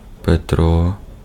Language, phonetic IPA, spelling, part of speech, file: Ukrainian, [peˈtrɔ], Петро, proper noun, Uk-Петро.ogg
- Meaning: 1. Peter, one of the twelve apostles 2. a male given name, Petro, equivalent to English Peter 3. a transliteration of the Belarusian male given name Пятро́ (Pjatró)